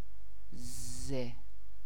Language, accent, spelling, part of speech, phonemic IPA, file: Persian, Iran, ض, character, /zɒːd/, Fa-ض.ogg
- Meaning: The eighteenth letter of the Persian alphabet, called ضاد (zâd), ضوات (zwât) or ضواد (zwâd) and written in the Arabic script; preceded by ص and followed by ط